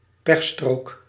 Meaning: hard shoulder (part of a road where drivers may move to in an emergency)
- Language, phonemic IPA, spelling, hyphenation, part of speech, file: Dutch, /ˈpɛx.stroːk/, pechstrook, pech‧strook, noun, Nl-pechstrook.ogg